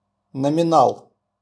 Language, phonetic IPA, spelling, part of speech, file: Russian, [nəmʲɪˈnaɫ], номинал, noun, RU-номинал.wav
- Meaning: face value, par